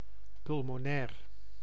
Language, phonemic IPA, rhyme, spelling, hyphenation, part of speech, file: Dutch, /ˌpʏl.moːˈnɛːr/, -ɛːr, pulmonair, pul‧mo‧nair, adjective, Nl-pulmonair.ogg
- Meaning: pulmonary